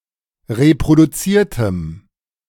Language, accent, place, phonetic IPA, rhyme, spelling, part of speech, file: German, Germany, Berlin, [ʁepʁoduˈt͡siːɐ̯təm], -iːɐ̯təm, reproduziertem, adjective, De-reproduziertem.ogg
- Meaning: strong dative masculine/neuter singular of reproduziert